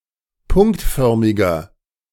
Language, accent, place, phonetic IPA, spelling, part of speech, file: German, Germany, Berlin, [ˈpʊŋktˌfœʁmɪɡɐ], punktförmiger, adjective, De-punktförmiger.ogg
- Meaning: inflection of punktförmig: 1. strong/mixed nominative masculine singular 2. strong genitive/dative feminine singular 3. strong genitive plural